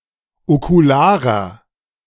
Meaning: inflection of okular: 1. strong/mixed nominative masculine singular 2. strong genitive/dative feminine singular 3. strong genitive plural
- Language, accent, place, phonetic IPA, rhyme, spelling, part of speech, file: German, Germany, Berlin, [okuˈlaːʁɐ], -aːʁɐ, okularer, adjective, De-okularer.ogg